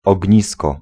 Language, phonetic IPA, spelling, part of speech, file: Polish, [ɔɟˈɲiskɔ], ognisko, noun, Pl-ognisko.ogg